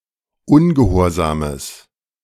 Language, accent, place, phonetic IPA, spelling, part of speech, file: German, Germany, Berlin, [ˈʊnɡəˌhoːɐ̯zaːməs], ungehorsames, adjective, De-ungehorsames.ogg
- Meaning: strong/mixed nominative/accusative neuter singular of ungehorsam